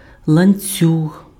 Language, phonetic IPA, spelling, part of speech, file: Ukrainian, [ɫɐnʲˈt͡sʲuɦ], ланцюг, noun, Uk-ланцюг.ogg
- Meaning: chain (a series of interconnected rings or links)